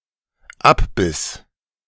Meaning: first/third-person singular dependent preterite of abbeißen
- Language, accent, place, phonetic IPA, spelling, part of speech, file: German, Germany, Berlin, [ˈapˌbɪs], abbiss, verb, De-abbiss.ogg